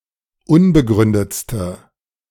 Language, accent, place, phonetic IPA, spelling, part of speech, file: German, Germany, Berlin, [ˈʊnbəˌɡʁʏndət͡stə], unbegründetste, adjective, De-unbegründetste.ogg
- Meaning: inflection of unbegründet: 1. strong/mixed nominative/accusative feminine singular superlative degree 2. strong nominative/accusative plural superlative degree